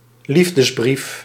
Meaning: love letter
- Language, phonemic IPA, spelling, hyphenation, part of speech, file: Dutch, /ˈlif.dəsˌbrif/, liefdesbrief, lief‧des‧brief, noun, Nl-liefdesbrief.ogg